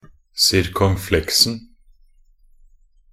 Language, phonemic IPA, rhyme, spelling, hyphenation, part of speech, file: Norwegian Bokmål, /sɪrkɔŋˈflɛksn̩/, -ɛksn̩, circonflexen, cir‧con‧flex‧en, noun, Nb-circonflexen.ogg
- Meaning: definite singular of circonflexe